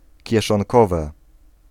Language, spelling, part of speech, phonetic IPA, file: Polish, kieszonkowe, noun, [ˌcɛʃɔ̃ŋˈkɔvɛ], Pl-kieszonkowe.ogg